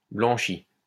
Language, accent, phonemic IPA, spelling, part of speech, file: French, France, /blɑ̃.ʃi/, blanchie, verb, LL-Q150 (fra)-blanchie.wav
- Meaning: feminine singular of blanchi